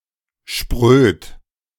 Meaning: alternative form of spröde
- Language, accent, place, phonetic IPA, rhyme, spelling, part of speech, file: German, Germany, Berlin, [ʃpʁøːt], -øːt, spröd, adjective, De-spröd.ogg